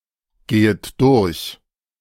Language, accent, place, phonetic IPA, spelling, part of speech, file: German, Germany, Berlin, [ˌɡeːət ˈdʊʁç], gehet durch, verb, De-gehet durch.ogg
- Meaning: second-person plural subjunctive I of durchgehen